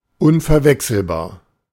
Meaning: unmistakable, unique
- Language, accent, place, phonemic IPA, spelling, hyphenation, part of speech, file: German, Germany, Berlin, /ˈʊnfɛʁˌvɛksl̩baːɐ̯/, unverwechselbar, un‧ver‧wech‧sel‧bar, adjective, De-unverwechselbar.ogg